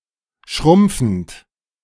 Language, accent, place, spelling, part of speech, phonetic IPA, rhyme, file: German, Germany, Berlin, schrumpfend, adjective / verb, [ˈʃʁʊmp͡fn̩t], -ʊmp͡fn̩t, De-schrumpfend.ogg
- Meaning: present participle of schrumpfen